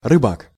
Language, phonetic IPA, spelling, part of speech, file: Russian, [rɨˈbak], рыбак, noun, Ru-рыбак.ogg
- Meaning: fisherman